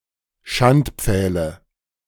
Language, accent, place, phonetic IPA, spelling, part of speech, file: German, Germany, Berlin, [ˈʃantˌp͡fɛːlə], Schandpfähle, noun, De-Schandpfähle.ogg
- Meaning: nominative/accusative/genitive plural of Schandpfahl